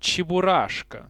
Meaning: Cheburashka (a character in Soviet children's literature and the protagonist of an animated film), Topple (a former English translation)
- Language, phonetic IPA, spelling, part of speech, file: Russian, [t͡ɕɪbʊˈraʂkə], Чебурашка, proper noun, Ru-Cheburashka.ogg